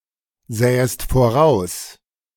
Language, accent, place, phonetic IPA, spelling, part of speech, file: German, Germany, Berlin, [ˌzɛːəst foˈʁaʊ̯s], sähest voraus, verb, De-sähest voraus.ogg
- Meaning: second-person singular subjunctive II of voraussehen